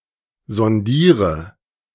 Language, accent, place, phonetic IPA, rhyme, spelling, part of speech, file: German, Germany, Berlin, [zɔnˈdiːʁə], -iːʁə, sondiere, verb, De-sondiere.ogg
- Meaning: inflection of sondieren: 1. first-person singular present 2. first/third-person singular subjunctive I 3. singular imperative